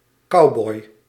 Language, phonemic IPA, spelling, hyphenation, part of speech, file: Dutch, /ˈkɑu̯.bɔi̯/, cowboy, cow‧boy, noun, Nl-cowboy.ogg
- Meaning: cowboy